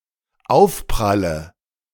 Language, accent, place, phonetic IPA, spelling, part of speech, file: German, Germany, Berlin, [ˈaʊ̯fpʁalə], Aufpralle, noun, De-Aufpralle.ogg
- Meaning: nominative/accusative/genitive plural of Aufprall